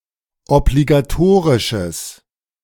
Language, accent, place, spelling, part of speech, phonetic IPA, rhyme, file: German, Germany, Berlin, obligatorisches, adjective, [ɔbliɡaˈtoːʁɪʃəs], -oːʁɪʃəs, De-obligatorisches.ogg
- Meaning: strong/mixed nominative/accusative neuter singular of obligatorisch